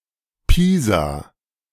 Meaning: Pisa (a city and province of Tuscany, Italy)
- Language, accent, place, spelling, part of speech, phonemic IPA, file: German, Germany, Berlin, Pisa, proper noun, /ˈpiːza/, De-Pisa.ogg